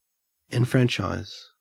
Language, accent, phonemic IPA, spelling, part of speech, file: English, Australia, /ɛnˈfɹænt͡ʃaɪz/, enfranchise, verb, En-au-enfranchise.ogg
- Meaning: To grant the franchise to an entity, specifically: To grant the privilege of voting to a person or group of people